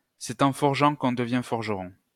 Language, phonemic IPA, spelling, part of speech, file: French, /s‿ɛ.t‿ɑ̃ fɔʁ.ʒɑ̃ k‿ɔ̃ də.vjɛ̃ fɔʁ.ʒə.ʁɔ̃/, c'est en forgeant qu'on devient forgeron, proverb, LL-Q150 (fra)-c'est en forgeant qu'on devient forgeron.wav
- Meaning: practice makes perfect